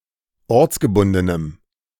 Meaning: strong dative masculine/neuter singular of ortsgebunden
- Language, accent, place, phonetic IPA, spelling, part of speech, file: German, Germany, Berlin, [ˈɔʁt͡sɡəˌbʊndənəm], ortsgebundenem, adjective, De-ortsgebundenem.ogg